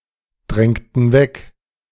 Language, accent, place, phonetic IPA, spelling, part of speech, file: German, Germany, Berlin, [ˌdʁɛŋtn̩ ˈvɛk], drängten weg, verb, De-drängten weg.ogg
- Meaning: inflection of wegdrängen: 1. first/third-person plural preterite 2. first/third-person plural subjunctive II